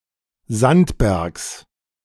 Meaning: genitive singular of Sandberg
- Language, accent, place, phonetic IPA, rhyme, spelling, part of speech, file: German, Germany, Berlin, [ˈzantˌbɛʁks], -antbɛʁks, Sandbergs, noun, De-Sandbergs.ogg